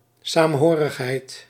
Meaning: affinity, fellowship, community feeling, solidarity
- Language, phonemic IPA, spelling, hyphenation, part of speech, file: Dutch, /ˌsaːmˈɦoː.rəx.ɦɛi̯t/, saamhorigheid, saam‧ho‧rig‧heid, noun, Nl-saamhorigheid.ogg